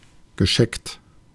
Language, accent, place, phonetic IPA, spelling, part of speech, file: German, Germany, Berlin, [ɡəˈʃɛkt], gescheckt, adjective, De-gescheckt.ogg
- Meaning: 1. spotted 2. checkered 3. patchy